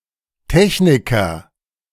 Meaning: technician, technologist, engineer (male or of unspecified gender) (frequently used in various compounds)
- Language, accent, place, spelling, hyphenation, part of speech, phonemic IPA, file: German, Germany, Berlin, Techniker, Tech‧ni‧ker, noun, /ˈtɛçnikɐ/, De-Techniker.ogg